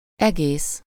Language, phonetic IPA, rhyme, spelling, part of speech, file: Hungarian, [ˈɛɡeːs], -eːs, egész, adjective / adverb / noun, Hu-egész.ogg
- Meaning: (adjective) 1. whole, entire, complete (with all parts included, with nothing missing) 2. integer (not having a fractional component); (adverb) entirely, completely (to the maximum extent or degree)